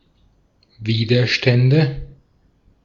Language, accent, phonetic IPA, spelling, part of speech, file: German, Austria, [ˈviːdɐʃtɛndə], Widerstände, noun, De-at-Widerstände.ogg
- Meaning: nominative/accusative/genitive plural of Widerstand